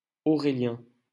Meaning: a male given name
- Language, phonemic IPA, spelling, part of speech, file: French, /ɔ.ʁe.ljɛ̃/, Aurélien, proper noun, LL-Q150 (fra)-Aurélien.wav